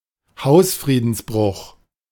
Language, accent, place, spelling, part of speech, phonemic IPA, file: German, Germany, Berlin, Hausfriedensbruch, noun, /ˈhaʊ̯sfʁiːdənsˌbʁʊx/, De-Hausfriedensbruch.ogg
- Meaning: the crime of trespassing, the unlawful entry to, or presence in, a house etc